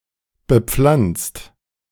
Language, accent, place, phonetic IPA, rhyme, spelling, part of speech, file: German, Germany, Berlin, [bəˈp͡flant͡st], -ant͡st, bepflanzt, verb, De-bepflanzt.ogg
- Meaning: 1. past participle of bepflanzen 2. inflection of bepflanzen: second-person singular/plural present 3. inflection of bepflanzen: third-person singular present